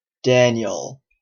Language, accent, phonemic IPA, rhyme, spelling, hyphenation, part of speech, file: English, Canada, /ˈdænjəl/, -ænjəl, Daniel, Dan‧iel, proper noun / noun, En-ca-Daniel.oga
- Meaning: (proper noun) 1. A book in the Old Testament of the Bible 2. The prophet whose story is told in the Book of Daniel 3. A male given name from Hebrew in regular use since the Middle Ages